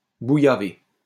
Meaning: to fuck
- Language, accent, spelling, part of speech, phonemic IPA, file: French, France, bouillaver, verb, /bu.ja.ve/, LL-Q150 (fra)-bouillaver.wav